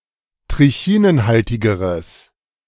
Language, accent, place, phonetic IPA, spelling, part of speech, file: German, Germany, Berlin, [tʁɪˈçiːnənˌhaltɪɡəʁəs], trichinenhaltigeres, adjective, De-trichinenhaltigeres.ogg
- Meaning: strong/mixed nominative/accusative neuter singular comparative degree of trichinenhaltig